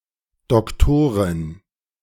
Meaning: female doctor, woman doctor
- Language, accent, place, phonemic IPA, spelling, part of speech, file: German, Germany, Berlin, /dɔkˈtoːʁɪn/, Doktorin, noun, De-Doktorin.ogg